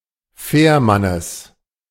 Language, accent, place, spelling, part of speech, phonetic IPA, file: German, Germany, Berlin, Fährmannes, noun, [ˈfɛːɐ̯ˌmanəs], De-Fährmannes.ogg
- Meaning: genitive of Fährmann